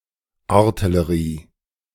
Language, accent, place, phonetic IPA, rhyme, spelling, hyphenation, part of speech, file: German, Germany, Berlin, [ˈaʁtɪləʁiː], -iː, Artillerie, Ar‧til‧le‧rie, noun, De-Artillerie.ogg
- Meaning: 1. artillery (weapon) 2. artillery (army unit)